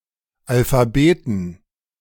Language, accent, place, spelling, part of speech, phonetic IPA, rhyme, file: German, Germany, Berlin, Alphabeten, noun, [alfaˈbeːtn̩], -eːtn̩, De-Alphabeten.ogg
- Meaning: dative plural of Alphabet